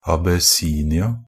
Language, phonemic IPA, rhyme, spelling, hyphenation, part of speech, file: Norwegian Bokmål, /abəˈsiːnɪa/, -ɪa, Abessinia, A‧bes‧si‧ni‧a, proper noun, NB - Pronunciation of Norwegian Bokmål «Abessinia».ogg
- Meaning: Abyssinia (former name of Ethiopia: a country and former empire in East Africa; used as an exonym until the mid 20th century)